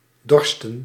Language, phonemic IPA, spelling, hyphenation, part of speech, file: Dutch, /ˈdɔrstə(n)/, dorsten, dor‧sten, verb / noun, Nl-dorsten.ogg
- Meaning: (verb) 1. to thirst 2. to long; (noun) plural of dorst; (verb) inflection of dorsen: 1. plural past indicative 2. plural past subjunctive